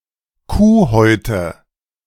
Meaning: nominative/accusative/genitive plural of Kuhhaut
- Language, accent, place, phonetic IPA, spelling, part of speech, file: German, Germany, Berlin, [ˈkuːˌhɔɪ̯tə], Kuhhäute, noun, De-Kuhhäute.ogg